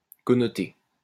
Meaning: connote
- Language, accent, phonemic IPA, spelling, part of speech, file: French, France, /kɔ.nɔ.te/, connoter, verb, LL-Q150 (fra)-connoter.wav